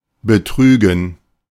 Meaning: 1. to deceive (usually deliberately) 2. to defraud; to perform an act of fraud against; to swindle 3. to betray (sexually or romantically); to cheat on 4. to cheat 5. form of betragen
- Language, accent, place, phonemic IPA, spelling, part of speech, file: German, Germany, Berlin, /bəˈtryːɡən/, betrügen, verb, De-betrügen.ogg